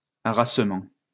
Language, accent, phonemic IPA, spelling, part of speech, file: French, France, /a.ʁas.mɑ̃/, harassement, noun, LL-Q150 (fra)-harassement.wav
- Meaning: exhaustion